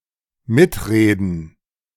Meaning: 1. to join in a conversation 2. to have a say
- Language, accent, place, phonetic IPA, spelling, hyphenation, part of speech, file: German, Germany, Berlin, [ˈmɪtˌʁeːdn̩], mitreden, mit‧re‧den, verb, De-mitreden.ogg